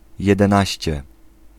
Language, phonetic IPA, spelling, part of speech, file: Polish, [ˌjɛdɛ̃ˈnaɕt͡ɕɛ], jedenaście, adjective, Pl-jedenaście.ogg